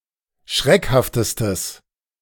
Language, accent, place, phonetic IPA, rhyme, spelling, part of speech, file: German, Germany, Berlin, [ˈʃʁɛkhaftəstəs], -ɛkhaftəstəs, schreckhaftestes, adjective, De-schreckhaftestes.ogg
- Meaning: strong/mixed nominative/accusative neuter singular superlative degree of schreckhaft